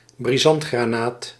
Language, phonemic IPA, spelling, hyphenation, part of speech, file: Dutch, /briˈzɑnt.xraːˌnaːt/, brisantgranaat, bri‧sant‧gra‧naat, noun, Nl-brisantgranaat.ogg
- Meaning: a high-explosive shell